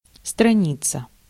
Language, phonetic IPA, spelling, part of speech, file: Russian, [strɐˈnʲit͡sə], страница, noun, Ru-страница.ogg
- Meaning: 1. page 2. column 3. webpage